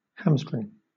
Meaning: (noun) One of the great tendons situated in each side of the ham, or space back of the knee, and connected with the muscles of the back of the thigh
- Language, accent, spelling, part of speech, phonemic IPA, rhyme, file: English, Southern England, hamstring, noun / verb, /ˈhæmstɹɪŋ/, -æmstɹɪŋ, LL-Q1860 (eng)-hamstring.wav